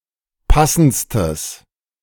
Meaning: strong/mixed nominative/accusative neuter singular superlative degree of passend
- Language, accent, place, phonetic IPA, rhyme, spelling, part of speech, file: German, Germany, Berlin, [ˈpasn̩t͡stəs], -asn̩t͡stəs, passendstes, adjective, De-passendstes.ogg